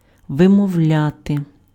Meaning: to pronounce
- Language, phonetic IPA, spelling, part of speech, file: Ukrainian, [ʋemɔu̯ˈlʲate], вимовляти, verb, Uk-вимовляти.ogg